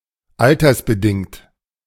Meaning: age-related, age-conditioned
- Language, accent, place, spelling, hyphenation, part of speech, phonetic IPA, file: German, Germany, Berlin, altersbedingt, al‧ters‧be‧dingt, adjective, [ˈaltɐsbəˌdɪŋt], De-altersbedingt.ogg